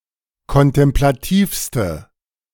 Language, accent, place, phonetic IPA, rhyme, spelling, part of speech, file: German, Germany, Berlin, [kɔntɛmplaˈtiːfstə], -iːfstə, kontemplativste, adjective, De-kontemplativste.ogg
- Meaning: inflection of kontemplativ: 1. strong/mixed nominative/accusative feminine singular superlative degree 2. strong nominative/accusative plural superlative degree